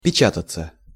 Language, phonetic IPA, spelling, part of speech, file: Russian, [pʲɪˈt͡ɕatət͡sə], печататься, verb, Ru-печататься.ogg
- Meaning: passive of печа́тать (pečátatʹ)